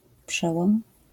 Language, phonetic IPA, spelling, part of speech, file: Polish, [ˈpʃɛwɔ̃m], przełom, noun, LL-Q809 (pol)-przełom.wav